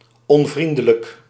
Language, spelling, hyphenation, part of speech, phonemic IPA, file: Dutch, onvriendelijk, on‧vrien‧de‧lijk, adjective, /ˌɔnˈvrin.də.lək/, Nl-onvriendelijk.ogg
- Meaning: unfriendly